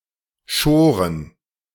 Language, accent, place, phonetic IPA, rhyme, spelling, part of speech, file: German, Germany, Berlin, [ˈʃoːʁən], -oːʁən, schoren, verb, De-schoren.ogg
- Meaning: first/third-person plural preterite of scheren